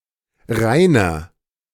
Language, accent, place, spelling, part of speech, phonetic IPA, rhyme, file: German, Germany, Berlin, Reiner, proper noun, [ˈʁaɪ̯nɐ], -aɪ̯nɐ, De-Reiner.ogg
- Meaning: a male given name from Old High German [in turn from the Germanic languages], variant of Rainer; variant form Reinher